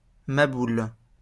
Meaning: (adjective) crazy; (noun) nutcase
- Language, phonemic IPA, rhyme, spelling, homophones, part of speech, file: French, /ma.bul/, -ul, maboul, maboule / maboules / mabouls, adjective / noun, LL-Q150 (fra)-maboul.wav